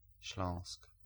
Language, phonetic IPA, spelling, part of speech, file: Polish, [ɕlɔ̃w̃sk], Śląsk, proper noun, Pl-Śląsk.ogg